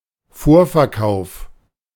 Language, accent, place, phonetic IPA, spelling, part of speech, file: German, Germany, Berlin, [ˈfoːɐ̯fɛɐ̯ˌkaʊ̯f], Vorverkauf, noun, De-Vorverkauf.ogg
- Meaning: presale